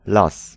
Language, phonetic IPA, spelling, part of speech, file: Polish, [las], las, noun, Pl-las.ogg